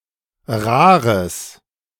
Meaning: strong/mixed nominative/accusative neuter singular of rar
- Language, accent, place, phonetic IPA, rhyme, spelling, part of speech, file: German, Germany, Berlin, [ˈʁaːʁəs], -aːʁəs, rares, adjective, De-rares.ogg